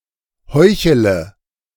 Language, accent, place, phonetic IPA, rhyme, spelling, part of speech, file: German, Germany, Berlin, [ˈhɔɪ̯çələ], -ɔɪ̯çələ, heuchele, verb, De-heuchele.ogg
- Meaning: inflection of heucheln: 1. first-person singular present 2. singular imperative 3. first/third-person singular subjunctive I